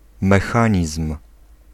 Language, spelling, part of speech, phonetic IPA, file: Polish, mechanizm, noun, [mɛˈxãɲism̥], Pl-mechanizm.ogg